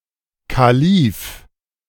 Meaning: caliph
- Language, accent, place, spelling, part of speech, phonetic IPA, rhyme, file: German, Germany, Berlin, Kalif, noun, [ˌkaˈliːf], -iːf, De-Kalif.ogg